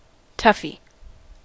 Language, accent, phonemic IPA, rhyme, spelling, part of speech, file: English, US, /ˈtʌfi/, -ʌfi, toughie, noun, En-us-toughie.ogg
- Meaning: 1. Something that is tough, or difficult 2. Someone or something that is strong and resilient 3. A tough; Someone or something that acts as a thug or bully